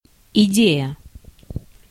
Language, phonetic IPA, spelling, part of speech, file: Russian, [ɪˈdʲejə], идея, noun, Ru-идея.ogg
- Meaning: idea, thought, notion